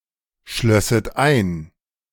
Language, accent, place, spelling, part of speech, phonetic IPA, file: German, Germany, Berlin, schlösset ein, verb, [ˌʃlœsət ˈaɪ̯n], De-schlösset ein.ogg
- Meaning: second-person plural subjunctive II of einschließen